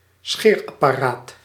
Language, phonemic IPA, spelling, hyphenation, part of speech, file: Dutch, /ˈsxeːr.ɑ.paːˌraːt/, scheerapparaat, scheer‧ap‧pa‧raat, noun, Nl-scheerapparaat.ogg
- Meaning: electric shaver